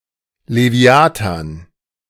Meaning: leviathan
- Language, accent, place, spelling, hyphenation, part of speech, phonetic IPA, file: German, Germany, Berlin, Leviathan, Le‧vi‧a‧than, noun, [leˈvi̯aːtan], De-Leviathan.ogg